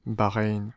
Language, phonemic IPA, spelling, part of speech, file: French, /ba.ʁɛjn/, Bahreïn, proper noun, Fr-Bahreïn.ogg
- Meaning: Bahrain (an archipelago, island, and country in West Asia in the Persian Gulf)